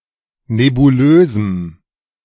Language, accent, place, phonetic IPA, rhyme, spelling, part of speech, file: German, Germany, Berlin, [nebuˈløːzm̩], -øːzm̩, nebulösem, adjective, De-nebulösem.ogg
- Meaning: strong dative masculine/neuter singular of nebulös